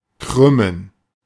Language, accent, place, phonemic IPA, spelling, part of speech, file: German, Germany, Berlin, /ˈkʁʏmən/, krümmen, verb, De-krümmen.ogg
- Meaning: to bend (a finger etc.); to writhe